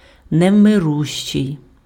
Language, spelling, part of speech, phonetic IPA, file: Ukrainian, невмирущий, adjective, [neu̯meˈruʃt͡ʃei̯], Uk-невмирущий.ogg
- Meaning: 1. immortal (living forever, never dying) 2. immortal, undying, deathless, everlasting (never to be forgotten)